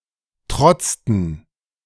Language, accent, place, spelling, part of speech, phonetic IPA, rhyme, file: German, Germany, Berlin, trotzten, verb, [ˈtʁɔt͡stn̩], -ɔt͡stn̩, De-trotzten.ogg
- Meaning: inflection of trotzen: 1. first/third-person plural preterite 2. first/third-person plural subjunctive II